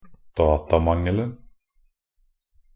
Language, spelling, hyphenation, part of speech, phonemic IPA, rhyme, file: Norwegian Bokmål, datamangelen, da‧ta‧mang‧el‧en, noun, /ˈdɑːtamaŋəln̩/, -əln̩, Nb-datamangelen.ogg
- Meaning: definite singular of datamangel